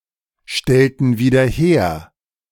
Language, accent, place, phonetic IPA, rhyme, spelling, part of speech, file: German, Germany, Berlin, [ˌʃtɛltn̩ viːdɐ ˈheːɐ̯], -eːɐ̯, stellten wieder her, verb, De-stellten wieder her.ogg
- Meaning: inflection of wiederherstellen: 1. first/third-person plural preterite 2. first/third-person plural subjunctive II